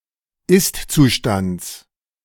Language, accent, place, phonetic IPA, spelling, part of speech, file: German, Germany, Berlin, [ˈɪstt͡suˌʃtant͡s], Istzustands, noun, De-Istzustands.ogg
- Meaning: genitive of Istzustand